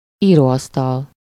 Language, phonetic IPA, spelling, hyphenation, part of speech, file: Hungarian, [ˈiːroːɒstɒl], íróasztal, író‧asz‧tal, noun, Hu-íróasztal.ogg
- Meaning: desk